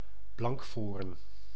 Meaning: common roach (Rutilus rutilus)
- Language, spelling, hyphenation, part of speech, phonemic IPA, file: Dutch, blankvoorn, blank‧voorn, noun, /ˈblɑŋk.foːrn/, Nl-blankvoorn.ogg